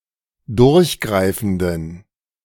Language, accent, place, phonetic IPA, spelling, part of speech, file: German, Germany, Berlin, [ˈdʊʁçˌɡʁaɪ̯fn̩dən], durchgreifenden, adjective, De-durchgreifenden.ogg
- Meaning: inflection of durchgreifend: 1. strong genitive masculine/neuter singular 2. weak/mixed genitive/dative all-gender singular 3. strong/weak/mixed accusative masculine singular 4. strong dative plural